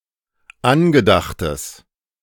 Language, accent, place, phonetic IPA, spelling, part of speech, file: German, Germany, Berlin, [ˈanɡəˌdaxtəs], angedachtes, adjective, De-angedachtes.ogg
- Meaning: strong/mixed nominative/accusative neuter singular of angedacht